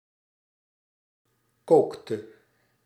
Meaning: inflection of koken: 1. singular past indicative 2. singular past subjunctive
- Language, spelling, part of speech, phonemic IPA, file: Dutch, kookte, verb, /ˈkoktə/, Nl-kookte.ogg